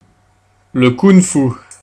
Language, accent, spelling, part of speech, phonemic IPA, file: French, France, kung-fu, noun, /kuŋ.fu/, Fr-kung-fu.ogg
- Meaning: kung fu